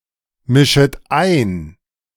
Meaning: second-person plural subjunctive I of einmischen
- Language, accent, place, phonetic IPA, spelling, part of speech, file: German, Germany, Berlin, [ˌmɪʃət ˈaɪ̯n], mischet ein, verb, De-mischet ein.ogg